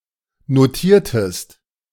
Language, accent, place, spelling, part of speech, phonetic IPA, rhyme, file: German, Germany, Berlin, notiertest, verb, [noˈtiːɐ̯təst], -iːɐ̯təst, De-notiertest.ogg
- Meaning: inflection of notieren: 1. second-person singular preterite 2. second-person singular subjunctive II